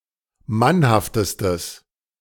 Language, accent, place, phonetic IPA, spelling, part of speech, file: German, Germany, Berlin, [ˈmanhaftəstəs], mannhaftestes, adjective, De-mannhaftestes.ogg
- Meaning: strong/mixed nominative/accusative neuter singular superlative degree of mannhaft